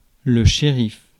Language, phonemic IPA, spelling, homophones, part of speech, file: French, /ʃe.ʁif/, shérif, chérif, noun, Fr-shérif.ogg
- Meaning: sheriff (all meanings)